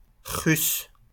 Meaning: Russian (person)
- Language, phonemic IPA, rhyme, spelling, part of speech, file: French, /ʁys/, -ys, Russe, noun, LL-Q150 (fra)-Russe.wav